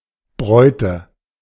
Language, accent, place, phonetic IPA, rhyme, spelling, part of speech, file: German, Germany, Berlin, [ˈbʁɔɪ̯tə], -ɔɪ̯tə, Bräute, noun, De-Bräute.ogg
- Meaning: nominative/accusative/genitive plural of Braut